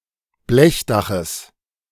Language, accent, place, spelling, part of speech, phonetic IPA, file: German, Germany, Berlin, Blechdaches, noun, [ˈblɛçˌdaxəs], De-Blechdaches.ogg
- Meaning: genitive singular of Blechdach